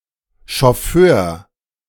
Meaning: alternative spelling of Chauffeur
- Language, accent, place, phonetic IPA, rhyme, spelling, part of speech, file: German, Germany, Berlin, [ʃɔˈføːɐ̯], -øːɐ̯, Schofför, noun, De-Schofför.ogg